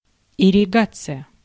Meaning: irrigation (The act or process of irrigating)
- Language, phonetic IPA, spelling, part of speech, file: Russian, [ɪrʲɪˈɡat͡sɨjə], ирригация, noun, Ru-ирригация.ogg